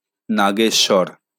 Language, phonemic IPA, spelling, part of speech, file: Bengali, /naɡeʃːɔɾ/, নাগেশ্বর, noun, LL-Q9610 (ben)-নাগেশ্বর.wav
- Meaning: Ceylon ironwood, Indian rose chestnut, cobra saffron (Mesua ferrea)